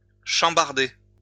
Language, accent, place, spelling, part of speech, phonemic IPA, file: French, France, Lyon, chambarder, verb, /ʃɑ̃.baʁ.de/, LL-Q150 (fra)-chambarder.wav
- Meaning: 1. to turn upside down 2. to radically reorganize